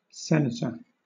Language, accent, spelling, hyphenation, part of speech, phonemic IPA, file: English, Southern England, senator, sen‧a‧tor, noun, /ˈsɛn.ə.tə/, LL-Q1860 (eng)-senator.wav
- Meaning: A member, normally elected, in the house or chamber of a legislature called a senate, as, for instance, the legislatures of the United States and Canada